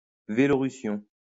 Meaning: activism to promote cycling as an alternative mode of transport
- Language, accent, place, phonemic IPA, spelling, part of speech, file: French, France, Lyon, /ve.lɔ.ʁy.sjɔ̃/, vélorution, noun, LL-Q150 (fra)-vélorution.wav